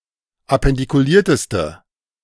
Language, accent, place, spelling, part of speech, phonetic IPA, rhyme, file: German, Germany, Berlin, appendikulierteste, adjective, [apɛndikuˈliːɐ̯təstə], -iːɐ̯təstə, De-appendikulierteste.ogg
- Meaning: inflection of appendikuliert: 1. strong/mixed nominative/accusative feminine singular superlative degree 2. strong nominative/accusative plural superlative degree